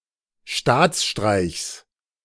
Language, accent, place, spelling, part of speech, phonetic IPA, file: German, Germany, Berlin, Staatsstreichs, noun, [ˈʃtaːt͡sˌʃtʁaɪ̯çs], De-Staatsstreichs.ogg
- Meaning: genitive singular of Staatsstreich